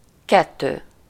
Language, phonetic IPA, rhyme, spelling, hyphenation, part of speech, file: Hungarian, [ˈkɛtːøː], -tøː, kettő, ket‧tő, numeral, Hu-kettő.ogg
- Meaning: two (mostly used in place of a whole noun phrase or as a predicate, but not usually as a counter before nouns)